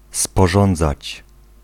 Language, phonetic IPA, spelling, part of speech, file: Polish, [spɔˈʒɔ̃nd͡zat͡ɕ], sporządzać, verb, Pl-sporządzać.ogg